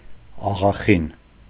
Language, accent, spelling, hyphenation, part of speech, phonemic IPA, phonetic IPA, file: Armenian, Eastern Armenian, աղախին, ա‧ղա‧խին, noun, /ɑʁɑˈχin/, [ɑʁɑχín], Hy-աղախին.ogg
- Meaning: maidservant, housemaid, maid